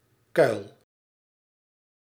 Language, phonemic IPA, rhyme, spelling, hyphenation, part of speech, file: Dutch, /kœy̯l/, -œy̯l, kuil, kuil, noun, Nl-kuil.ogg
- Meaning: pit in the ground